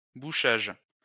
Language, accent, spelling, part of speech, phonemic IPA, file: French, France, bouchage, noun, /bu.ʃaʒ/, LL-Q150 (fra)-bouchage.wav
- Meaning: 1. plugging, blocking 2. blockage